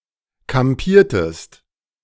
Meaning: inflection of kampieren: 1. second-person singular preterite 2. second-person singular subjunctive II
- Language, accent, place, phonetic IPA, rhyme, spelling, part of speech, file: German, Germany, Berlin, [kamˈpiːɐ̯təst], -iːɐ̯təst, kampiertest, verb, De-kampiertest.ogg